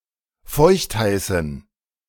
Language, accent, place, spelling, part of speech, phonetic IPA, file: German, Germany, Berlin, feuchtheißen, adjective, [ˈfɔɪ̯çtˌhaɪ̯sn̩], De-feuchtheißen.ogg
- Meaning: inflection of feuchtheiß: 1. strong genitive masculine/neuter singular 2. weak/mixed genitive/dative all-gender singular 3. strong/weak/mixed accusative masculine singular 4. strong dative plural